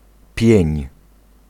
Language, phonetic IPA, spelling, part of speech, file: Polish, [pʲjɛ̇̃ɲ], pień, noun / verb, Pl-pień.ogg